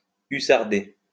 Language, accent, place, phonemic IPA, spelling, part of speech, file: French, France, Lyon, /y.saʁ.de/, hussarder, verb, LL-Q150 (fra)-hussarder.wav
- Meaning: to act, or treat someone, in a cavalier manner